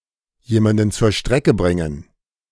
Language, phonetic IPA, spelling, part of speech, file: German, [ˈjeːmandən t͡suːɐ̯ ˈʃtʁɛkə ˈbʁɪŋən], jemanden zur Strecke bringen, phrase, De-jemanden zur Strecke bringen.ogg